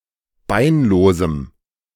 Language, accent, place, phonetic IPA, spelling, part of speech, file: German, Germany, Berlin, [ˈbaɪ̯nˌloːzm̩], beinlosem, adjective, De-beinlosem.ogg
- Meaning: strong dative masculine/neuter singular of beinlos